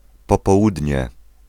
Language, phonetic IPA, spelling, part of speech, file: Polish, [ˌpɔpɔˈwudʲɲɛ], popołudnie, noun, Pl-popołudnie.ogg